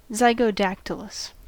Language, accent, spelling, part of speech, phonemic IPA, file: English, US, zygodactylous, adjective, /ˌzeɪɡoʊˈdæktələs/, En-us-zygodactylous.ogg
- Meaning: Having two toes pointing forward, and two toes pointing backward